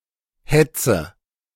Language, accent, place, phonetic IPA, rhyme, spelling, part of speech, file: German, Germany, Berlin, [ˈhɛt͡sə], -ɛt͡sə, hetze, verb, De-hetze.ogg
- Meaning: inflection of hetzen: 1. first-person singular present 2. first/third-person singular subjunctive I 3. singular imperative